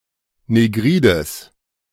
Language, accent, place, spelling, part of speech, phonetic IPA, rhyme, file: German, Germany, Berlin, negrides, adjective, [neˈɡʁiːdəs], -iːdəs, De-negrides.ogg
- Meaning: strong/mixed nominative/accusative neuter singular of negrid